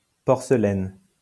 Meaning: 1. cowrie, a mollusk of the family Cypraeidae, or its translucent shell 2. porcelain, the translucent ceramic of fine china, or vessels made of this material
- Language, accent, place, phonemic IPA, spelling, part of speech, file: French, France, Lyon, /pɔʁ.sə.lɛn/, porcelaine, noun, LL-Q150 (fra)-porcelaine.wav